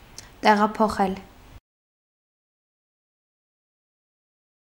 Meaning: to transfer, to move
- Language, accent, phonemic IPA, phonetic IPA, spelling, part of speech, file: Armenian, Eastern Armenian, /teʁɑpʰoˈχel/, [teʁɑpʰoχél], տեղափոխել, verb, Hy-տեղափոխել.ogg